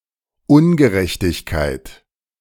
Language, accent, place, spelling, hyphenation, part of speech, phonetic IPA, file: German, Germany, Berlin, Ungerechtigkeit, Un‧ge‧rech‧tig‧keit, noun, [ˈʊnɡəˌʁɛçtɪçkaɪ̯t], De-Ungerechtigkeit.ogg
- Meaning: injustice